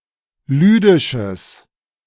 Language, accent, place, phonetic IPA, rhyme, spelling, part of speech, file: German, Germany, Berlin, [ˈlyːdɪʃəs], -yːdɪʃəs, lüdisches, adjective, De-lüdisches.ogg
- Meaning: strong/mixed nominative/accusative neuter singular of lüdisch